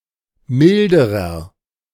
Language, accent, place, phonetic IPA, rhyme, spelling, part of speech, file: German, Germany, Berlin, [ˈmɪldəʁɐ], -ɪldəʁɐ, milderer, adjective, De-milderer.ogg
- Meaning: inflection of mild: 1. strong/mixed nominative masculine singular comparative degree 2. strong genitive/dative feminine singular comparative degree 3. strong genitive plural comparative degree